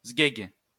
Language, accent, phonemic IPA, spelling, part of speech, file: French, France, /zɡɛɡ/, zguègue, noun, LL-Q150 (fra)-zguègue.wav
- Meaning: alternative form of sguègue